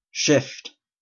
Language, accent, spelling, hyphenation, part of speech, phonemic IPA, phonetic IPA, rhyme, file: English, Canada, shift, shift, noun / verb, /ˈʃɪft/, [ˈʃʰɪft], -ɪft, En-ca-shift.oga
- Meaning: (noun) 1. A movement to do something, a beginning 2. An act of shifting; a slight movement or change 3. A share, a portion assigned on division